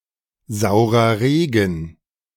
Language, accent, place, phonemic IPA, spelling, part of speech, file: German, Germany, Berlin, /ˌzaʊ̯ʁɐˈʁeːɡən/, saurer Regen, noun, De-saurer Regen.ogg
- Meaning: acid rain (unusually acidic rain)